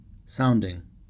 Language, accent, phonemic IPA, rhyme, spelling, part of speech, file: English, US, /ˈsaʊndɪŋ/, -aʊndɪŋ, sounding, noun / adjective / verb, En-us-sounding.ogg
- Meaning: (noun) The action of the verb to sound; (adjective) 1. Emitting a sound 2. Sonorous; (verb) present participle and gerund of sound; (noun) A test made with a probe or sonde